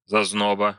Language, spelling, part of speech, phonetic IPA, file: Russian, зазноба, noun, [zɐzˈnobə], Ru-зазноба.ogg
- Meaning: 1. love attraction 2. the object of such attraction, a sweetheart